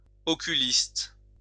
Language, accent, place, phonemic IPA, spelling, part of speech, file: French, France, Lyon, /ɔ.ky.list/, oculiste, noun, LL-Q150 (fra)-oculiste.wav
- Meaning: oculist, eye doctor